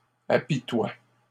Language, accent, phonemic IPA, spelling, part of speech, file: French, Canada, /a.pi.twa/, apitoies, verb, LL-Q150 (fra)-apitoies.wav
- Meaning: second-person singular present indicative/subjunctive of apitoyer